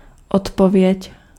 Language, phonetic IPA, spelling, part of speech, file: Czech, [ˈotpovjɛc], odpověď, noun, Cs-odpověď.ogg
- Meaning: answer